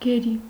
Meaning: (noun) captive, prisoner; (adjective) captive
- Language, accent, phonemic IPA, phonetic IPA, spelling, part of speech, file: Armenian, Eastern Armenian, /ɡeˈɾi/, [ɡeɾí], գերի, noun / adjective, Hy-գերի.ogg